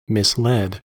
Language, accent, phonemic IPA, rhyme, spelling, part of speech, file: English, US, /ˌmɪsˈlɛd/, -ɛd, misled, verb, En-us-misled.ogg
- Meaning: simple past and past participle of mislead